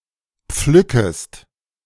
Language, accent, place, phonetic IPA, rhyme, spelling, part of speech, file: German, Germany, Berlin, [ˈp͡flʏkəst], -ʏkəst, pflückest, verb, De-pflückest.ogg
- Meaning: second-person singular subjunctive I of pflücken